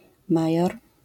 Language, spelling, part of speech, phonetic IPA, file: Polish, major, noun, [ˈmajɔr], LL-Q809 (pol)-major.wav